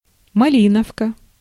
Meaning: the European robin (Erithacus rubecula)
- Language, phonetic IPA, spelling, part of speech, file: Russian, [mɐˈlʲinəfkə], малиновка, noun, Ru-малиновка.ogg